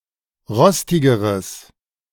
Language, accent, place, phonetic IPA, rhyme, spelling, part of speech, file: German, Germany, Berlin, [ˈʁɔstɪɡəʁəs], -ɔstɪɡəʁəs, rostigeres, adjective, De-rostigeres.ogg
- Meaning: strong/mixed nominative/accusative neuter singular comparative degree of rostig